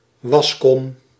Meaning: washbasin
- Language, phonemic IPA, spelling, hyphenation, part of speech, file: Dutch, /ˈʋɑsˌkɔm/, waskom, was‧kom, noun, Nl-waskom.ogg